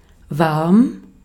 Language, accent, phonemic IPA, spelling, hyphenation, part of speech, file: German, Austria, /varm/, warm, warm, adjective, De-at-warm.ogg
- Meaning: 1. warm; mildly hot 2. warm; keeping the wearer warm 3. including heating costs, water, and fees (electricity may or may not be included) 4. gay, homosexual (mostly male)